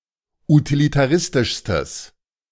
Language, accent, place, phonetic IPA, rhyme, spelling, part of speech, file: German, Germany, Berlin, [utilitaˈʁɪstɪʃstəs], -ɪstɪʃstəs, utilitaristischstes, adjective, De-utilitaristischstes.ogg
- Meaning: strong/mixed nominative/accusative neuter singular superlative degree of utilitaristisch